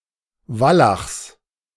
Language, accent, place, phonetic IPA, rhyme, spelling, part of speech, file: German, Germany, Berlin, [ˈvalaxs], -alaxs, Wallachs, noun, De-Wallachs.ogg
- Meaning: genitive singular of Wallach